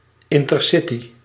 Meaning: intercity train
- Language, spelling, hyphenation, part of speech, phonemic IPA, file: Dutch, intercity, in‧ter‧ci‧ty, noun, /ˌɪn.tərˈsɪ.ti/, Nl-intercity.ogg